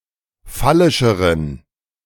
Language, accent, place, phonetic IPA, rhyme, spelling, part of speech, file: German, Germany, Berlin, [ˈfalɪʃəʁən], -alɪʃəʁən, phallischeren, adjective, De-phallischeren.ogg
- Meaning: inflection of phallisch: 1. strong genitive masculine/neuter singular comparative degree 2. weak/mixed genitive/dative all-gender singular comparative degree